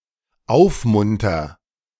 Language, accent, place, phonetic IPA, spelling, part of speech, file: German, Germany, Berlin, [ˈaʊ̯fˌmʊntɐ], aufmunter, verb, De-aufmunter.ogg
- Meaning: first-person singular dependent present of aufmuntern